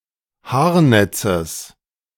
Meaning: genitive singular of Haarnetz
- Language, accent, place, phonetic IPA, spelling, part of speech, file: German, Germany, Berlin, [ˈhaːɐ̯ˌnɛt͡səs], Haarnetzes, noun, De-Haarnetzes.ogg